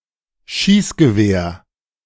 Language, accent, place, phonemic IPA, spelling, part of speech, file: German, Germany, Berlin, /ˈʃiːsɡəˌveːɐ̯/, Schießgewehr, noun, De-Schießgewehr.ogg
- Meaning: gun